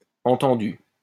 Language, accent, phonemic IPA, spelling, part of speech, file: French, France, /ɑ̃.tɑ̃.dy/, entendue, verb, LL-Q150 (fra)-entendue.wav
- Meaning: feminine singular of entendu